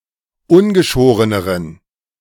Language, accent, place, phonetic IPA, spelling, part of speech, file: German, Germany, Berlin, [ˈʊnɡəˌʃoːʁənəʁən], ungeschoreneren, adjective, De-ungeschoreneren.ogg
- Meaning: inflection of ungeschoren: 1. strong genitive masculine/neuter singular comparative degree 2. weak/mixed genitive/dative all-gender singular comparative degree